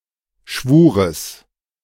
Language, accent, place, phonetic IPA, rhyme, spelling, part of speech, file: German, Germany, Berlin, [ˈʃvuːʁəs], -uːʁəs, Schwures, noun, De-Schwures.ogg
- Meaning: genitive singular of Schwur